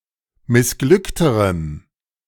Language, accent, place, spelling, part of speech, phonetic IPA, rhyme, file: German, Germany, Berlin, missglückterem, adjective, [mɪsˈɡlʏktəʁəm], -ʏktəʁəm, De-missglückterem.ogg
- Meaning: strong dative masculine/neuter singular comparative degree of missglückt